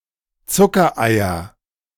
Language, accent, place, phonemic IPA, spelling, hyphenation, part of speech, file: German, Germany, Berlin, /ˈt͡sʊkɐˌaɪ̯ɐ/, Zuckereier, Zu‧cker‧ei‧er, noun, De-Zuckereier.ogg
- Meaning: nominative genitive accusative plural of Zuckerei